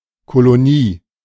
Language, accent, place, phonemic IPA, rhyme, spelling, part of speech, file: German, Germany, Berlin, /koloˈniː/, -iː, Kolonie, noun, De-Kolonie.ogg
- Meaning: 1. colony (settlement away from the mainland/motherland) 2. synonym of Siedlung (“housing estate”), especially when created specifically for the workers of a mine or factory